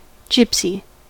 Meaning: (noun) An itinerant person or any person, not necessarily Romani; a tinker, a traveller or a carny
- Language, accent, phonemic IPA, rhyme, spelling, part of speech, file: English, US, /ˈd͡ʒɪp.si/, -ɪpsi, gypsy, noun / adjective / verb, En-us-gypsy.ogg